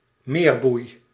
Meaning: mooring buoy
- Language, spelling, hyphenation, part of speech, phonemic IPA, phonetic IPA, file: Dutch, meerboei, meer‧boei, noun, /ˈmeːr.bui̯/, [ˈmɪːr.bui̯], Nl-meerboei.ogg